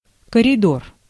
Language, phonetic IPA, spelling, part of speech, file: Russian, [kərʲɪˈdor], коридор, noun, Ru-коридор.ogg
- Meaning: corridor, hallway